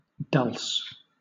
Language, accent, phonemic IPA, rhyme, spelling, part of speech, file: English, Southern England, /dʌls/, -ʌls, dulse, noun, LL-Q1860 (eng)-dulse.wav
- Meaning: A seaweed of a reddish-brown color (Palmaria palmata) which is sometimes eaten, as in Scotland